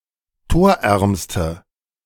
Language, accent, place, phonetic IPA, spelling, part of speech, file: German, Germany, Berlin, [ˈtoːɐ̯ˌʔɛʁmstə], torärmste, adjective, De-torärmste.ogg
- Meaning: inflection of torarm: 1. strong/mixed nominative/accusative feminine singular superlative degree 2. strong nominative/accusative plural superlative degree